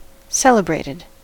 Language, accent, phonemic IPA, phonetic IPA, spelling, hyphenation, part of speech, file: English, US, /ˈsɛl.ə.bɹeɪ.tɪd/, [ˈsɛl.ə.bɹeɪ.ɾɪd], celebrated, cel‧e‧brat‧ed, adjective / verb, En-us-celebrated.ogg
- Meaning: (adjective) famous or widely praised; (verb) simple past and past participle of celebrate